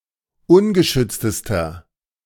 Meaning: inflection of ungeschützt: 1. strong/mixed nominative masculine singular superlative degree 2. strong genitive/dative feminine singular superlative degree 3. strong genitive plural superlative degree
- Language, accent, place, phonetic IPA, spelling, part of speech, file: German, Germany, Berlin, [ˈʊnɡəˌʃʏt͡stəstɐ], ungeschütztester, adjective, De-ungeschütztester.ogg